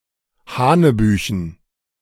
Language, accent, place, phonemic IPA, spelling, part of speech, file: German, Germany, Berlin, /ˈhaːnəˌbyːçn̩/, hanebüchen, adjective, De-hanebüchen2.ogg
- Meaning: 1. absurd; ludicrous; incongruous 2. outrageous; scandalous